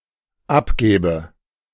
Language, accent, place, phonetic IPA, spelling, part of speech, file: German, Germany, Berlin, [ˈapˌɡɛːbə], abgäbe, verb, De-abgäbe.ogg
- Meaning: first/third-person singular dependent subjunctive II of abgeben